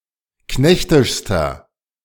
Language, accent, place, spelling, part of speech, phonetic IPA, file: German, Germany, Berlin, knechtischster, adjective, [ˈknɛçtɪʃstɐ], De-knechtischster.ogg
- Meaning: inflection of knechtisch: 1. strong/mixed nominative masculine singular superlative degree 2. strong genitive/dative feminine singular superlative degree 3. strong genitive plural superlative degree